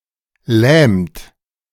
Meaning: inflection of lähmen: 1. second-person plural present 2. third-person singular present 3. plural imperative
- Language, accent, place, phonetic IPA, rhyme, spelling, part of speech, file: German, Germany, Berlin, [lɛːmt], -ɛːmt, lähmt, verb, De-lähmt.ogg